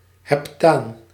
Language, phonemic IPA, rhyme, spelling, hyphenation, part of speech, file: Dutch, /ɦɛpˈtaːn/, -aːn, heptaan, hep‧taan, noun, Nl-heptaan.ogg
- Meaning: heptane